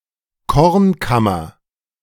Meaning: 1. granary 2. breadbasket, food bowl, granary
- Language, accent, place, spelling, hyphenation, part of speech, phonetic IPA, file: German, Germany, Berlin, Kornkammer, Korn‧kam‧mer, noun, [ˈkɔʁnˌkamɐ], De-Kornkammer.ogg